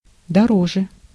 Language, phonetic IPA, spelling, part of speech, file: Russian, [dɐˈroʐɨ], дороже, adverb, Ru-дороже.ogg
- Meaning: 1. comparative degree of дорого́й (dorogój) 2. comparative degree of до́рого (dórogo)